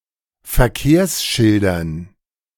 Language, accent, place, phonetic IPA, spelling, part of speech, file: German, Germany, Berlin, [fɛɐ̯ˈkeːɐ̯sˌʃɪldɐn], Verkehrsschildern, noun, De-Verkehrsschildern.ogg
- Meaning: dative plural of Verkehrsschild